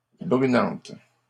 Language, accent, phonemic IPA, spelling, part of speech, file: French, Canada, /bʁy.nɑ̃t/, brunante, noun, LL-Q150 (fra)-brunante.wav
- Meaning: dusk, twilight